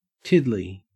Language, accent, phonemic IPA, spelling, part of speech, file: English, Australia, /ˈtɪd.li/, tiddly, noun / adjective / interjection, En-au-tiddly.ogg
- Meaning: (noun) An alcoholic beverage; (adjective) 1. Somewhat drunk 2. tiny; little; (interjection) Alternative form of diddly (a trill sound)